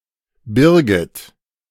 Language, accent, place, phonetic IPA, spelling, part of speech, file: German, Germany, Berlin, [ˈbɪʁɡɪt], Birgit, proper noun, De-Birgit.ogg
- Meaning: a female given name